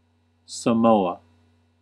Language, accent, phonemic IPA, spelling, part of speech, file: English, US, /səˈmoʊ.ə/, Samoa, proper noun / noun, En-us-Samoa.ogg